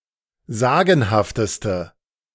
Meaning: inflection of sagenhaft: 1. strong/mixed nominative/accusative feminine singular superlative degree 2. strong nominative/accusative plural superlative degree
- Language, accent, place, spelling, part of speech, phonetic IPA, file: German, Germany, Berlin, sagenhafteste, adjective, [ˈzaːɡn̩haftəstə], De-sagenhafteste.ogg